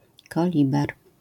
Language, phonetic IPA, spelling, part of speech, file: Polish, [kɔˈlʲibɛr], koliber, noun, LL-Q809 (pol)-koliber.wav